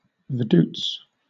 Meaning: A town and municipality, the capital of Liechtenstein
- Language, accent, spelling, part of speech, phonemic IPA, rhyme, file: English, Southern England, Vaduz, proper noun, /vəˈduːts/, -uːts, LL-Q1860 (eng)-Vaduz.wav